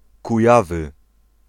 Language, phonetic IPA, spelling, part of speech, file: Polish, [kuˈjavɨ], Kujawy, proper noun, Pl-Kujawy.ogg